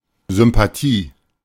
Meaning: goodwill; favour; affection; sympathy
- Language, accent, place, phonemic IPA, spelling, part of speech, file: German, Germany, Berlin, /ˌzʏmpaˈtiː/, Sympathie, noun, De-Sympathie.ogg